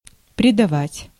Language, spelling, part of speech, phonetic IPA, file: Russian, придавать, verb, [prʲɪdɐˈvatʲ], Ru-придавать.ogg
- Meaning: 1. to give, to impart; to attach 2. to increase, to strengthen